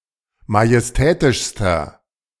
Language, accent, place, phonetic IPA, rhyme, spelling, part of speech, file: German, Germany, Berlin, [majɛsˈtɛːtɪʃstɐ], -ɛːtɪʃstɐ, majestätischster, adjective, De-majestätischster.ogg
- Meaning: inflection of majestätisch: 1. strong/mixed nominative masculine singular superlative degree 2. strong genitive/dative feminine singular superlative degree 3. strong genitive plural superlative degree